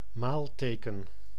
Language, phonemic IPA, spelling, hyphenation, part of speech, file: Dutch, /ˈmaːlˌteː.kə(n)/, maalteken, maal‧te‧ken, noun, Nl-maalteken.ogg
- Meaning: multiplication sign (symbol denoting multiplication)